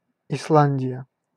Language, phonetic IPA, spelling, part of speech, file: Russian, [ɪsˈɫanʲdʲɪjə], Исландия, proper noun, Ru-Исландия.ogg
- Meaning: Iceland (an island and country in the North Atlantic Ocean in Europe)